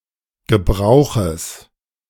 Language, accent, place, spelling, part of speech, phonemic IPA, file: German, Germany, Berlin, Gebrauches, noun, /ɡəˈbʁaʊ̯xəs/, De-Gebrauches.ogg
- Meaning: genitive singular of Gebrauch